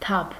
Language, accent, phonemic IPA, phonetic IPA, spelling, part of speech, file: Armenian, Eastern Armenian, /tʰɑpʰ/, [tʰɑpʰ], թափ, noun, Hy-թափ.ogg
- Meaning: 1. sweep; power, might; impetuosity; swing 2. alternative form of թափք (tʻapʻkʻ)